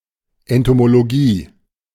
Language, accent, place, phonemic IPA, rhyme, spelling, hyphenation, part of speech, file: German, Germany, Berlin, /ɛntomoloˈɡiː/, -iː, Entomologie, En‧to‧mo‧lo‧gie, noun, De-Entomologie.ogg
- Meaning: entomology (study of insects)